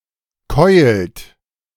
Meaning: inflection of keulen: 1. third-person singular present 2. second-person plural present 3. plural imperative
- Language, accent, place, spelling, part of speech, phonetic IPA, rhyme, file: German, Germany, Berlin, keult, verb, [kɔɪ̯lt], -ɔɪ̯lt, De-keult.ogg